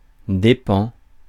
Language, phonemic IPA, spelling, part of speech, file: French, /de.pɑ̃/, dépens, noun, Fr-dépens.ogg
- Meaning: 1. costs 2. expense